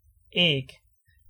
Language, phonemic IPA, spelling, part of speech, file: Danish, /ɛːˀɡ/, æg, noun, Da-æg.ogg
- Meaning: egg